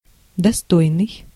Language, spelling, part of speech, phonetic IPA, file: Russian, достойный, adjective, [dɐˈstojnɨj], Ru-достойный.ogg
- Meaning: 1. worthy, decent 2. well-deserved; stately